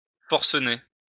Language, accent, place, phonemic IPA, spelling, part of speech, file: French, France, Lyon, /fɔʁ.sə.ne/, forcener, verb, LL-Q150 (fra)-forcener.wav
- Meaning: to become enraged